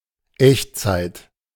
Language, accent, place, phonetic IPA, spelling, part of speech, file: German, Germany, Berlin, [ˈʔɛçttsaɪ̯t], Echtzeit, noun, De-Echtzeit.ogg
- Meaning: real time